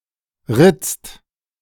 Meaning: inflection of ritzen: 1. second/third-person singular present 2. second-person plural present 3. plural imperative
- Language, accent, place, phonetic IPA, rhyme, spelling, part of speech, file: German, Germany, Berlin, [ʁɪt͡st], -ɪt͡st, ritzt, verb, De-ritzt.ogg